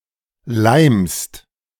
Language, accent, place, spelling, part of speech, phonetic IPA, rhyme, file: German, Germany, Berlin, leimst, verb, [laɪ̯mst], -aɪ̯mst, De-leimst.ogg
- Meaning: second-person singular present of leimen